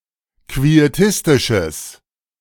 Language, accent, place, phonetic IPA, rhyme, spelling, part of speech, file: German, Germany, Berlin, [kvieˈtɪstɪʃəs], -ɪstɪʃəs, quietistisches, adjective, De-quietistisches.ogg
- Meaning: strong/mixed nominative/accusative neuter singular of quietistisch